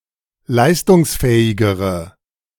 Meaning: inflection of leistungsfähig: 1. strong/mixed nominative/accusative feminine singular comparative degree 2. strong nominative/accusative plural comparative degree
- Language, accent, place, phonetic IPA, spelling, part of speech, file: German, Germany, Berlin, [ˈlaɪ̯stʊŋsˌfɛːɪɡəʁə], leistungsfähigere, adjective, De-leistungsfähigere.ogg